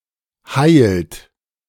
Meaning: inflection of heilen: 1. second-person plural present 2. third-person singular present 3. plural imperative
- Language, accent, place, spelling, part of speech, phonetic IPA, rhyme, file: German, Germany, Berlin, heilt, verb, [haɪ̯lt], -aɪ̯lt, De-heilt.ogg